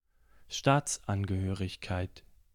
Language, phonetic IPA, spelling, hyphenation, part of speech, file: German, [ˈʃtaːt͡sʔanɡəˌhøːʁɪçkaɪ̯t], Staatsangehörigkeit, Staats‧an‧ge‧hö‧rig‧keit, noun, De-Staatsangehörigkeit.ogg
- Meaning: nationality, citizenship